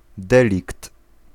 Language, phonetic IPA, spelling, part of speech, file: Polish, [ˈdɛlʲikt], delikt, noun, Pl-delikt.ogg